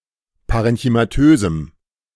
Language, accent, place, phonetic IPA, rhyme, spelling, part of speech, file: German, Germany, Berlin, [ˌpaʁɛnçymaˈtøːzm̩], -øːzm̩, parenchymatösem, adjective, De-parenchymatösem.ogg
- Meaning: strong dative masculine/neuter singular of parenchymatös